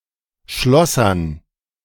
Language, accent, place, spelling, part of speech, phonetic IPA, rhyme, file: German, Germany, Berlin, Schlossern, noun, [ˈʃlɔsɐn], -ɔsɐn, De-Schlossern.ogg
- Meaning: dative plural of Schlosser